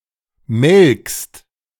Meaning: second-person singular present of melken
- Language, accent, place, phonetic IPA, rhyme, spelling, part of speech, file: German, Germany, Berlin, [mɛlkst], -ɛlkst, melkst, verb, De-melkst.ogg